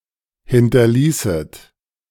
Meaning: second-person plural subjunctive II of hinterlassen
- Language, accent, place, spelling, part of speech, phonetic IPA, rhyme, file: German, Germany, Berlin, hinterließet, verb, [ˌhɪntɐˈliːsət], -iːsət, De-hinterließet.ogg